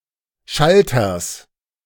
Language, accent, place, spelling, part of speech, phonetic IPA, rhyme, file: German, Germany, Berlin, Schalters, noun, [ˈʃaltɐs], -altɐs, De-Schalters.ogg
- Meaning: genitive singular of Schalter